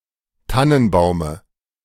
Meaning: dative singular of Tannenbaum
- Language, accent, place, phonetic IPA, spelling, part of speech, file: German, Germany, Berlin, [ˈtanənˌbaʊ̯mə], Tannenbaume, noun, De-Tannenbaume.ogg